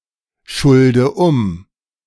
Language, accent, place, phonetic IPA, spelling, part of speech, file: German, Germany, Berlin, [ˌʃʊldə ˈʊm], schulde um, verb, De-schulde um.ogg
- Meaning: inflection of umschulden: 1. first-person singular present 2. first/third-person singular subjunctive I 3. singular imperative